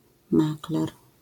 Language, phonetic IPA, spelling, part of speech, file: Polish, [ˈmaklɛr], makler, noun, LL-Q809 (pol)-makler.wav